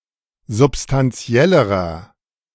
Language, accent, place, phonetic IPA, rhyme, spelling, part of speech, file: German, Germany, Berlin, [zʊpstanˈt͡si̯ɛləʁɐ], -ɛləʁɐ, substantiellerer, adjective, De-substantiellerer.ogg
- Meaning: inflection of substantiell: 1. strong/mixed nominative masculine singular comparative degree 2. strong genitive/dative feminine singular comparative degree 3. strong genitive plural comparative degree